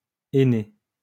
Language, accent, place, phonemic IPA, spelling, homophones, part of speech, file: French, France, Lyon, /e.ne/, henné, aîné, noun, LL-Q150 (fra)-henné.wav
- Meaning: henna (Lawsonia inermis)